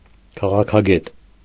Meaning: political scientist
- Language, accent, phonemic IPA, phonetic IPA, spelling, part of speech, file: Armenian, Eastern Armenian, /kʰɑʁɑkʰɑˈɡet/, [kʰɑʁɑkʰɑɡét], քաղաքագետ, noun, Hy-քաղաքագետ.ogg